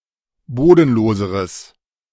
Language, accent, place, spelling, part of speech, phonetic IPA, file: German, Germany, Berlin, bodenloseres, adjective, [ˈboːdn̩ˌloːzəʁəs], De-bodenloseres.ogg
- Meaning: strong/mixed nominative/accusative neuter singular comparative degree of bodenlos